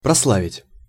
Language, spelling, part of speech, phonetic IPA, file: Russian, прославить, verb, [prɐsˈɫavʲɪtʲ], Ru-прославить.ogg
- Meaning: 1. to glorify, to sing the praises of 2. to make famous 3. to slander, to defame